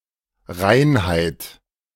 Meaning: purity
- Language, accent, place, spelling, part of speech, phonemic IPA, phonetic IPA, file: German, Germany, Berlin, Reinheit, noun, /ˈraɪ̯nhaɪ̯t/, [ˈʁaɪ̯n.haɪ̯t], De-Reinheit.ogg